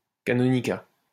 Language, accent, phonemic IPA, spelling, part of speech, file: French, France, /ka.nɔ.ni.ka/, canonicat, noun, LL-Q150 (fra)-canonicat.wav
- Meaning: the office of a canon; canonry